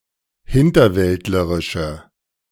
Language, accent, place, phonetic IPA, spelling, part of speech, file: German, Germany, Berlin, [ˈhɪntɐˌvɛltləʁɪʃə], hinterwäldlerische, adjective, De-hinterwäldlerische.ogg
- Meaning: inflection of hinterwäldlerisch: 1. strong/mixed nominative/accusative feminine singular 2. strong nominative/accusative plural 3. weak nominative all-gender singular